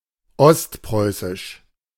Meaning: East Prussian
- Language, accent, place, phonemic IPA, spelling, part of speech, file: German, Germany, Berlin, /ˈɔstˌpʁɔɪ̯sɪʃ/, ostpreußisch, adjective, De-ostpreußisch.ogg